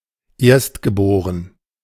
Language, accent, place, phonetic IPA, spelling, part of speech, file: German, Germany, Berlin, [ˈeːɐ̯stɡəˌboːʁən], erstgeboren, adjective, De-erstgeboren.ogg
- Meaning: firstborn